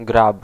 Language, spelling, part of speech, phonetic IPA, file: Polish, grab, noun / verb, [ɡrap], Pl-grab.ogg